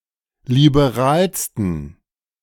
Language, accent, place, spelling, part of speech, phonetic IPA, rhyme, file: German, Germany, Berlin, liberalsten, adjective, [libeˈʁaːlstn̩], -aːlstn̩, De-liberalsten.ogg
- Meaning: 1. superlative degree of liberal 2. inflection of liberal: strong genitive masculine/neuter singular superlative degree